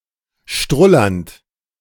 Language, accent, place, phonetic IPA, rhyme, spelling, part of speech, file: German, Germany, Berlin, [ˈʃtʁʊlɐnt], -ʊlɐnt, strullernd, verb, De-strullernd.ogg
- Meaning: present participle of strullern